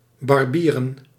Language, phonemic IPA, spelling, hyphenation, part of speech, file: Dutch, /ˌbɑrˈbiː.rə(n)/, barbieren, bar‧bie‧ren, verb, Nl-barbieren.ogg
- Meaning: to shave (typically shaving someone else as a barber)